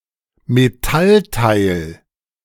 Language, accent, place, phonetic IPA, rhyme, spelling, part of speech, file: German, Germany, Berlin, [meˈtalˌtaɪ̯l], -altaɪ̯l, Metallteil, noun, De-Metallteil.ogg
- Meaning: metal part